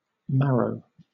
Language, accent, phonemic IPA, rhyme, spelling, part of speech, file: English, Southern England, /ˈmæɹəʊ/, -æɹəʊ, marrow, noun, LL-Q1860 (eng)-marrow.wav
- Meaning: 1. The substance inside bones which produces blood cells 2. A kind of vegetable similar to a large courgette, zucchini or squash; the mature fruit of certain Cucurbita pepo cultivars